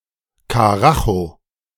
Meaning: high speed, strong and rapid force
- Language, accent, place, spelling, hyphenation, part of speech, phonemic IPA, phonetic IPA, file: German, Germany, Berlin, Karacho, Ka‧ra‧cho, noun, /kaˈraxo/, [kaˈʁaχo], De-Karacho.ogg